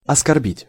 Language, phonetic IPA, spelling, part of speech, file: Russian, [ɐskɐrˈbʲitʲ], оскорбить, verb, Ru-оскорбить.ogg
- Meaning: to insult, to offend, to outrage